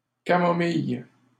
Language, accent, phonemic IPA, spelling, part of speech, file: French, Canada, /ka.mɔ.mij/, camomille, noun, LL-Q150 (fra)-camomille.wav
- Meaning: camomile (plant)